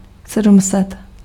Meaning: seven hundred
- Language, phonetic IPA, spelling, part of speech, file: Czech, [ˈsɛdm̩sɛt], sedm set, numeral, Cs-sedm set.ogg